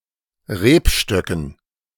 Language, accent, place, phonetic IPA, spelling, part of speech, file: German, Germany, Berlin, [ˈʁeːpˌʃtœkn̩], Rebstöcken, noun, De-Rebstöcken.ogg
- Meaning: dative plural of Rebstock